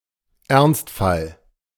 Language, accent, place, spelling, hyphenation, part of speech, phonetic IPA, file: German, Germany, Berlin, Ernstfall, Ernst‧fall, noun, [ˈɛʁnstˌfal], De-Ernstfall.ogg
- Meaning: emergency